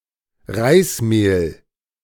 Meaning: flour made of rice; rice flour
- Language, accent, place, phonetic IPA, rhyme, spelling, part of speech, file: German, Germany, Berlin, [ˈʁaɪ̯sˌmeːl], -aɪ̯smeːl, Reismehl, noun, De-Reismehl.ogg